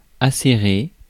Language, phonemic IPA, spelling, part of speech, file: French, /a.se.ʁe/, acéré, adjective, Fr-acéré.ogg
- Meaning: 1. hardened with steel 2. sharp, keen